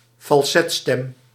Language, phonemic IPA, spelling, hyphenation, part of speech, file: Dutch, /fɑlˈsɛtˌstɛm/, falsetstem, fal‧set‧stem, noun, Nl-falsetstem.ogg
- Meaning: 1. falsetto register 2. a voice in falsetto